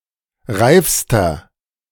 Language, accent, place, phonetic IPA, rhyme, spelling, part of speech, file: German, Germany, Berlin, [ˈʁaɪ̯fstɐ], -aɪ̯fstɐ, reifster, adjective, De-reifster.ogg
- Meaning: inflection of reif: 1. strong/mixed nominative masculine singular superlative degree 2. strong genitive/dative feminine singular superlative degree 3. strong genitive plural superlative degree